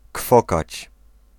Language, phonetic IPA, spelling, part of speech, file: Polish, [ˈkfɔkat͡ɕ], kwokać, verb, Pl-kwokać.ogg